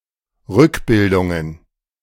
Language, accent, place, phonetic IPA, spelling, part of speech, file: German, Germany, Berlin, [ˈʁʏkˌbɪldʊŋən], Rückbildungen, noun, De-Rückbildungen.ogg
- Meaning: plural of Rückbildung